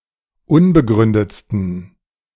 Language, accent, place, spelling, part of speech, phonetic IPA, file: German, Germany, Berlin, unbegründetsten, adjective, [ˈʊnbəˌɡʁʏndət͡stn̩], De-unbegründetsten.ogg
- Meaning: 1. superlative degree of unbegründet 2. inflection of unbegründet: strong genitive masculine/neuter singular superlative degree